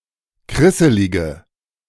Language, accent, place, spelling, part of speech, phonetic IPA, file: German, Germany, Berlin, krisselige, adjective, [ˈkʁɪsəlɪɡə], De-krisselige.ogg
- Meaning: inflection of krisselig: 1. strong/mixed nominative/accusative feminine singular 2. strong nominative/accusative plural 3. weak nominative all-gender singular